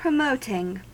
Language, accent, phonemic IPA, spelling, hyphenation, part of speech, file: English, US, /pɹəˈmoʊtɪŋ/, promoting, pro‧mot‧ing, verb, En-us-promoting.ogg
- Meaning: present participle and gerund of promote